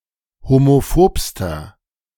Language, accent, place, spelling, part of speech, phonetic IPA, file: German, Germany, Berlin, homophobster, adjective, [homoˈfoːpstɐ], De-homophobster.ogg
- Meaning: inflection of homophob: 1. strong/mixed nominative masculine singular superlative degree 2. strong genitive/dative feminine singular superlative degree 3. strong genitive plural superlative degree